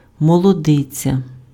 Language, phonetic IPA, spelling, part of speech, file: Ukrainian, [mɔɫɔˈdɪt͡sʲɐ], молодиця, noun, Uk-молодиця.ogg
- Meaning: young married woman